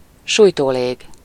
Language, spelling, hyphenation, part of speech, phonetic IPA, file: Hungarian, sújtólég, súj‧tó‧lég, noun, [ˈʃuːjtoːleːɡ], Hu-sújtólég.ogg
- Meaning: firedamp